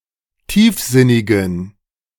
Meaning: inflection of tiefsinnig: 1. strong genitive masculine/neuter singular 2. weak/mixed genitive/dative all-gender singular 3. strong/weak/mixed accusative masculine singular 4. strong dative plural
- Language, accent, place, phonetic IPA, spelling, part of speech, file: German, Germany, Berlin, [ˈtiːfˌzɪnɪɡn̩], tiefsinnigen, adjective, De-tiefsinnigen.ogg